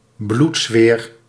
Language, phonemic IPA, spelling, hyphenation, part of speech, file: Dutch, /ˈblut.sʋeːr/, bloedzweer, bloed‧zweer, noun, Nl-bloedzweer.ogg
- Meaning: carbuncle (type of purulent ulcer)